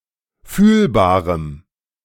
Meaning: strong dative masculine/neuter singular of fühlbar
- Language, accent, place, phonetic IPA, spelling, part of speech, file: German, Germany, Berlin, [ˈfyːlbaːʁəm], fühlbarem, adjective, De-fühlbarem.ogg